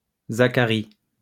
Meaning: 1. Zacharias; Zachariah; Zechariah (biblical character) 2. a male given name
- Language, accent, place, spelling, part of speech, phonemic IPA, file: French, France, Lyon, Zacharie, proper noun, /za.ka.ʁi/, LL-Q150 (fra)-Zacharie.wav